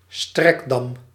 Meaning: a dam constructed to be (partially or approximately) parallel to the bank, shore and/or water current, to prevent erosion
- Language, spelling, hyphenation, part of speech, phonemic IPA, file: Dutch, strekdam, strek‧dam, noun, /ˈstrɛk.dɑm/, Nl-strekdam.ogg